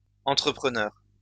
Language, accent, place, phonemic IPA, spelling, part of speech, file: French, France, Lyon, /ɑ̃.tʁə.pʁə.nœʁ/, entrepreneurs, noun, LL-Q150 (fra)-entrepreneurs.wav
- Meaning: plural of entrepreneur